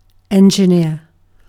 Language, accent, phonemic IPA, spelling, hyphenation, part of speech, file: English, Received Pronunciation, /ˌɛn(d)ʒɪˈnɪə/, engineer, en‧gin‧eer, noun / verb, En-uk-engineer.ogg
- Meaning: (noun) 1. A soldier engaged in designing or constructing military works for attack or defence, or other engineering works 2. A soldier in charge of operating a weapon; an artilleryman, a gunner